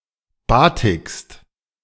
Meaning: second-person singular present of batiken
- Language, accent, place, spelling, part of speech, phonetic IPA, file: German, Germany, Berlin, batikst, verb, [ˈbaːtɪkst], De-batikst.ogg